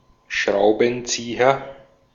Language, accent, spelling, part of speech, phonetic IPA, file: German, Austria, Schraubenzieher, noun, [ˈʃʁaʊ̯bənˌt͡siːɐ], De-at-Schraubenzieher.ogg
- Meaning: screwdriver